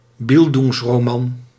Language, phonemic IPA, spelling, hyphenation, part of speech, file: Dutch, /ˈbɪl.duŋs.roːˌmɑn/, bildungsroman, bil‧dungs‧ro‧man, noun, Nl-bildungsroman.ogg
- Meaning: bildungsroman